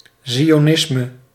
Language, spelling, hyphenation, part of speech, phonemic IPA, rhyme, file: Dutch, zionisme, zi‧o‧nis‧me, noun, /ˌzi.(j)oːˈnɪs.mə/, -ɪsmə, Nl-zionisme.ogg
- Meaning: Zionism